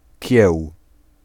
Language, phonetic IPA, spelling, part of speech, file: Polish, [cɛw], kieł, noun, Pl-kieł.ogg